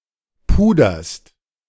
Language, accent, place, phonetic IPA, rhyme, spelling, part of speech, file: German, Germany, Berlin, [ˈpuːdɐst], -uːdɐst, puderst, verb, De-puderst.ogg
- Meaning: second-person singular present of pudern